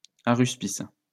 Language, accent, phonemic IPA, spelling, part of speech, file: French, France, /a.ʁys.pis/, haruspice, noun, LL-Q150 (fra)-haruspice.wav
- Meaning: a diviner in Ancient Rome who inspected the entrails of sacrificed animals, especially the livers of sacrificed sheep and poultry; haruspex